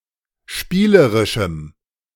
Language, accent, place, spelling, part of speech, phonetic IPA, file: German, Germany, Berlin, spielerischem, adjective, [ˈʃpiːləʁɪʃm̩], De-spielerischem.ogg
- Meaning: strong dative masculine/neuter singular of spielerisch